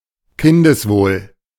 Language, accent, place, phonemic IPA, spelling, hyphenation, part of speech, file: German, Germany, Berlin, /ˈkɪndəsˌvoːl/, Kindeswohl, Kin‧des‧wohl, noun, De-Kindeswohl.ogg
- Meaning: children’s well-being (preservation of the physical and mental integrity and sufficient support (for the development) of a child)